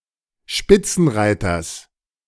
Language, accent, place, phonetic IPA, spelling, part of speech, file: German, Germany, Berlin, [ˈʃpɪt͡sn̩ˌʁaɪ̯tɐs], Spitzenreiters, noun, De-Spitzenreiters.ogg
- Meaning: genitive singular of Spitzenreiter